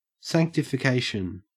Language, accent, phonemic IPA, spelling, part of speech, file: English, Australia, /saŋktɪfɪˈkeɪʃən/, sanctification, noun, En-au-sanctification.ogg
- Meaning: 1. The (usually gradual or uncompleted) process by which a Christian believer is made holy through the action of the Holy Spirit 2. The process of making holy; hallowing, consecration 3. Blackmail